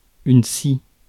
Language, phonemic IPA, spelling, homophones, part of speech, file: French, /si/, scie, ci / si / scies, noun, Fr-scie.ogg
- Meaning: 1. saw tool 2. cliché